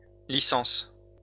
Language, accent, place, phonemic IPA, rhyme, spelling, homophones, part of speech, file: French, France, Lyon, /li.sɑ̃s/, -ɑ̃s, licences, licence, noun, LL-Q150 (fra)-licences.wav
- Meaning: plural of licence